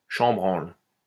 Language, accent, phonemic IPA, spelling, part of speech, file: French, France, /ʃɑ̃.bʁɑ̃l/, chambranle, noun, LL-Q150 (fra)-chambranle.wav
- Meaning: 1. frame, casing (of door/window) 2. mantelpiece